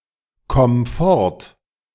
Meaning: singular imperative of fortkommen
- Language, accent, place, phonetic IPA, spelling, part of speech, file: German, Germany, Berlin, [ˌkɔm ˈfɔʁt], komm fort, verb, De-komm fort.ogg